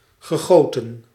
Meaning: past participle of gieten
- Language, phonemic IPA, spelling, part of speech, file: Dutch, /ɣəˈɣotə(n)/, gegoten, verb, Nl-gegoten.ogg